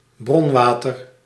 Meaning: 1. mineral water, such as spa water 2. a glass or drink of it
- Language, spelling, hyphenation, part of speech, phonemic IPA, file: Dutch, bronwater, bron‧wa‧ter, noun, /ˈbrɔnˌʋaːtər/, Nl-bronwater.ogg